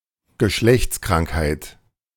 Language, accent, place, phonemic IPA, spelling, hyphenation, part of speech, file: German, Germany, Berlin, /ɡəˈʃlɛçt͡sˌkʁaŋkhaɪ̯t/, Geschlechtskrankheit, Ge‧schlechts‧krank‧heit, noun, De-Geschlechtskrankheit.ogg
- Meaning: sexually transmitted disease